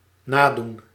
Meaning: to imitate
- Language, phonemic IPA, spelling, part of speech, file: Dutch, /ˈnadun/, nadoen, verb, Nl-nadoen.ogg